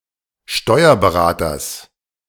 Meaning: genitive singular of Steuerberater
- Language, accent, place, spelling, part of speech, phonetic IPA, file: German, Germany, Berlin, Steuerberaters, noun, [ˈʃtɔɪ̯ɐbəˌʁaːtɐs], De-Steuerberaters.ogg